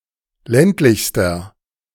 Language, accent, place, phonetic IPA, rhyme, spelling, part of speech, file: German, Germany, Berlin, [ˈlɛntlɪçstɐ], -ɛntlɪçstɐ, ländlichster, adjective, De-ländlichster.ogg
- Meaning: inflection of ländlich: 1. strong/mixed nominative masculine singular superlative degree 2. strong genitive/dative feminine singular superlative degree 3. strong genitive plural superlative degree